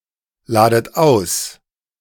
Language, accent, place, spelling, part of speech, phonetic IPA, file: German, Germany, Berlin, ladet aus, verb, [ˌlaːdət ˈaʊ̯s], De-ladet aus.ogg
- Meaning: inflection of ausladen: 1. second-person plural present 2. second-person plural subjunctive I 3. plural imperative